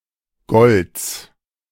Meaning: genitive singular of Gold
- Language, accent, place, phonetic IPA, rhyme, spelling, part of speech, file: German, Germany, Berlin, [ɡɔlt͡s], -ɔlt͡s, Golds, noun, De-Golds.ogg